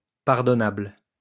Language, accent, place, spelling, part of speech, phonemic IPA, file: French, France, Lyon, pardonnable, adjective, /paʁ.dɔ.nabl/, LL-Q150 (fra)-pardonnable.wav
- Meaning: pardonable